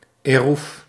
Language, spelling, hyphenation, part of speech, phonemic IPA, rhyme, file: Dutch, eroev, eroev, noun, /eːˈruf/, -uf, Nl-eroev.ogg
- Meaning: eruv